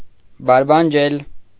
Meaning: alternative form of բարբաջել (barbaǰel)
- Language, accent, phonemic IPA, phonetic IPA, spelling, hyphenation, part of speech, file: Armenian, Eastern Armenian, /bɑɾbɑnˈd͡ʒel/, [bɑɾbɑnd͡ʒél], բարբանջել, բար‧բան‧ջել, verb, Hy-բարբանջել.ogg